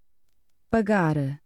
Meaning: to pay: 1. to give [someone] money in exchange for a good or service 2. (to give money in order to discharge [a debt or bill]) 3. to pay for; to buy (to give money in exchange for [a good or service])
- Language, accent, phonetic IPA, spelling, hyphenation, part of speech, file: Portuguese, Portugal, [pɐˈɣaɾ], pagar, pa‧gar, verb, Pt pagar.ogg